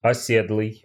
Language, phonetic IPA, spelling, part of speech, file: Russian, [ɐˈsʲedɫɨj], оседлый, adjective, Ru-оседлый.ogg
- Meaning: sedentary, settled (as opposed to nomadic or migratory)